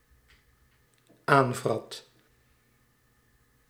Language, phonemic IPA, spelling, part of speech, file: Dutch, /ˈaɱvrɑt/, aanvrat, verb, Nl-aanvrat.ogg
- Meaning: singular dependent-clause past indicative of aanvreten